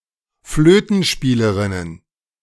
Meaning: plural of Flötenspielerin
- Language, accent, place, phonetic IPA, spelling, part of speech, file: German, Germany, Berlin, [ˈfløːtn̩ˌʃpiːləʁɪnən], Flötenspielerinnen, noun, De-Flötenspielerinnen.ogg